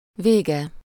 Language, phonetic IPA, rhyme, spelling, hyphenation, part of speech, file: Hungarian, [ˈveːɡɛ], -ɡɛ, vége, vé‧ge, noun, Hu-vége.ogg
- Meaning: third-person singular single-possession possessive of vég, literally, “its end”